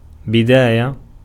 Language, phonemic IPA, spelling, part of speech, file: Arabic, /bi.daː.ja/, بداية, noun, Ar-بداية.ogg
- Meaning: 1. beginning, start 2. commencement, onset, inception 3. dawn